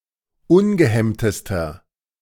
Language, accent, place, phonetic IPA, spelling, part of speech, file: German, Germany, Berlin, [ˈʊnɡəˌhɛmtəstɐ], ungehemmtester, adjective, De-ungehemmtester.ogg
- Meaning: inflection of ungehemmt: 1. strong/mixed nominative masculine singular superlative degree 2. strong genitive/dative feminine singular superlative degree 3. strong genitive plural superlative degree